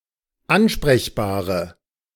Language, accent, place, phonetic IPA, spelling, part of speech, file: German, Germany, Berlin, [ˈanʃpʁɛçbaːʁə], ansprechbare, adjective, De-ansprechbare.ogg
- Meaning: inflection of ansprechbar: 1. strong/mixed nominative/accusative feminine singular 2. strong nominative/accusative plural 3. weak nominative all-gender singular